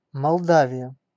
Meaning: Moldavia (former name of Moldova, a country in Eastern Europe)
- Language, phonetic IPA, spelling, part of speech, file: Russian, [mɐɫˈdavʲɪjə], Молдавия, proper noun, Ru-Молдавия.ogg